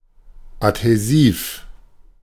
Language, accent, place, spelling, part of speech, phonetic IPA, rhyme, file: German, Germany, Berlin, adhäsiv, adjective, [athɛˈziːf], -iːf, De-adhäsiv.ogg
- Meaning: adhesive